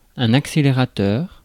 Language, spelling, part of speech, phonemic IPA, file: French, accélérateur, adjective / noun, /ak.se.le.ʁa.tœʁ/, Fr-accélérateur.ogg
- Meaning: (adjective) accelerative; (noun) 1. accelerator, gas pedal 2. accelerator